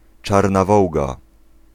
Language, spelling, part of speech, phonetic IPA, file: Polish, czarna wołga, noun, [ˈt͡ʃarna ˈvɔwɡa], Pl-czarna wołga.ogg